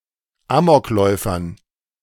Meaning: dative plural of Amokläufer
- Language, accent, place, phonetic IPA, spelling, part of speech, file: German, Germany, Berlin, [ˈaːmɔkˌlɔɪ̯fɐn], Amokläufern, noun, De-Amokläufern.ogg